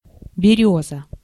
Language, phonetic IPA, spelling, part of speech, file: Russian, [bʲɪˈrʲɵzə], берёза, noun, Ru-берёза.ogg
- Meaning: birch (tree or wood)